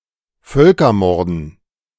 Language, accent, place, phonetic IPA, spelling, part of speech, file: German, Germany, Berlin, [ˈfœlkɐˌmɔʁdn̩], Völkermorden, noun, De-Völkermorden.ogg
- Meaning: dative plural of Völkermord